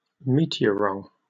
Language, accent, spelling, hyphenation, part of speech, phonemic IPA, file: English, Received Pronunciation, meteorwrong, me‧te‧or‧wrong, noun, /ˈmiː.tɪ.ə.ɹɒŋ/, En-uk-meteorwrong.oga
- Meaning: A rock that is believed to be a meteorite, but is in fact terrestrial in origin; a pseudometeorite